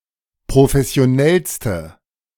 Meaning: inflection of professionell: 1. strong/mixed nominative/accusative feminine singular superlative degree 2. strong nominative/accusative plural superlative degree
- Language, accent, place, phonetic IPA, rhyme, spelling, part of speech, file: German, Germany, Berlin, [pʁofɛsi̯oˈnɛlstə], -ɛlstə, professionellste, adjective, De-professionellste.ogg